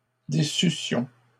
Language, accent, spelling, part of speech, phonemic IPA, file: French, Canada, déçussions, verb, /de.sy.sjɔ̃/, LL-Q150 (fra)-déçussions.wav
- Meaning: first-person plural imperfect subjunctive of décevoir